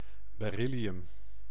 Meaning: beryllium
- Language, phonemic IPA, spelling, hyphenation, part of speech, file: Dutch, /beːˈri.li.ʏm/, beryllium, be‧ryl‧li‧um, noun, Nl-beryllium.ogg